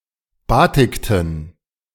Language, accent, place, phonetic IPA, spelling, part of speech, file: German, Germany, Berlin, [ˈbaːtɪktn̩], batikten, verb, De-batikten.ogg
- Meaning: inflection of batiken: 1. first/third-person plural preterite 2. first/third-person plural subjunctive II